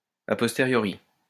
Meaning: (adjective) a posteriori
- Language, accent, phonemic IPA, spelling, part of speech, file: French, France, /a pɔs.te.ʁjɔ.ʁi/, a posteriori, adjective / adverb, LL-Q150 (fra)-a posteriori.wav